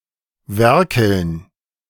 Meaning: gerund of werkeln
- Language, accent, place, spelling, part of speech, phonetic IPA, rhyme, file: German, Germany, Berlin, Werkeln, noun, [ˈvɛʁkl̩n], -ɛʁkl̩n, De-Werkeln.ogg